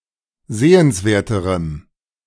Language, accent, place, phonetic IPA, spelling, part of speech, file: German, Germany, Berlin, [ˈzeːənsˌveːɐ̯təʁəm], sehenswerterem, adjective, De-sehenswerterem.ogg
- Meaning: strong dative masculine/neuter singular comparative degree of sehenswert